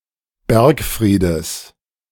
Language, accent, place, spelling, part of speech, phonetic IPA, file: German, Germany, Berlin, Bergfriedes, noun, [ˈbɛʁkˌfʁiːdəs], De-Bergfriedes.ogg
- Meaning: genitive singular of Bergfried